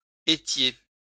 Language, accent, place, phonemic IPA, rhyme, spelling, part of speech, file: French, France, Lyon, /e.tje/, -e, étiez, verb, LL-Q150 (fra)-étiez.wav
- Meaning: second-person plural imperfect indicative of être